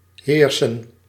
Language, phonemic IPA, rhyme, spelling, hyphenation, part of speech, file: Dutch, /ˈɦeːrsən/, -eːrsən, heersen, heer‧sen, verb, Nl-heersen.ogg
- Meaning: 1. to rule 2. to prevail